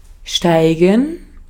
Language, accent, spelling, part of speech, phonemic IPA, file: German, Austria, steigen, verb, /ˈʃtaɪ̯ɡən/, De-at-steigen.ogg
- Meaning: 1. to ascend, to climb, to rise 2. to rise (in value, of commodities etc.) 3. to enter, to step (into a large vehicle) 4. to begin, commence 5. to rear up